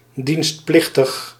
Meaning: drafted, conscripted; liable to be drafted
- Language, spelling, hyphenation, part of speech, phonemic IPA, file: Dutch, dienstplichtig, dienst‧plich‧tig, adjective, /ˌdinstˈplɪx.təx/, Nl-dienstplichtig.ogg